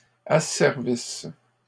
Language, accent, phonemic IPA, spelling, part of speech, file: French, Canada, /a.sɛʁ.vis/, asservisse, verb, LL-Q150 (fra)-asservisse.wav
- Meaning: inflection of asservir: 1. first/third-person singular present subjunctive 2. first-person singular imperfect subjunctive